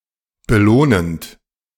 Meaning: present participle of belohnen
- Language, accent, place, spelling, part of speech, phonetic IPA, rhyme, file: German, Germany, Berlin, belohnend, verb, [bəˈloːnənt], -oːnənt, De-belohnend.ogg